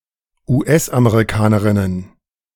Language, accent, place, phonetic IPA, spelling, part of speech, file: German, Germany, Berlin, [uːˈʔɛsʔameʁiˌkaːnəʁɪnən], US-Amerikanerinnen, noun, De-US-Amerikanerinnen.ogg
- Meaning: plural of US-Amerikanerin